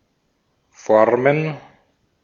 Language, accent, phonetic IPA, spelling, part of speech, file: German, Austria, [ˈfɔʁmən], Formen, noun, De-at-Formen.ogg
- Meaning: plural of Form